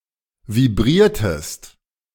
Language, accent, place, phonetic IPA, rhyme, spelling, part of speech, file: German, Germany, Berlin, [viˈbʁiːɐ̯təst], -iːɐ̯təst, vibriertest, verb, De-vibriertest.ogg
- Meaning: inflection of vibrieren: 1. second-person singular preterite 2. second-person singular subjunctive II